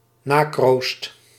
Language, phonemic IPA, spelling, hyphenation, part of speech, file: Dutch, /ˈnaː.kroːst/, nakroost, na‧kroost, noun, Nl-nakroost.ogg
- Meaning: progeny, descendants